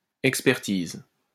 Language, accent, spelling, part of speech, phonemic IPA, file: French, France, expertise, noun, /ɛk.spɛʁ.tiz/, LL-Q150 (fra)-expertise.wav
- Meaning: 1. appraisal, valuation 2. assessment 3. expertness, expertise, expert knowledge (great skill or knowledge in a particular field or hobby)